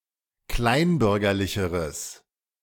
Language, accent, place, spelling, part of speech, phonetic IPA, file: German, Germany, Berlin, kleinbürgerlicheres, adjective, [ˈklaɪ̯nˌbʏʁɡɐlɪçəʁəs], De-kleinbürgerlicheres.ogg
- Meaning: strong/mixed nominative/accusative neuter singular comparative degree of kleinbürgerlich